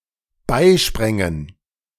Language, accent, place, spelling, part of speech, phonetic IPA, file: German, Germany, Berlin, beisprängen, verb, [ˈbaɪ̯ˌʃpʁɛŋən], De-beisprängen.ogg
- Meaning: first/third-person plural dependent subjunctive II of beispringen